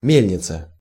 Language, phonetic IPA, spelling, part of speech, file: Russian, [ˈmʲelʲnʲɪt͡sə], мельница, noun, Ru-мельница.ogg
- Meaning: mill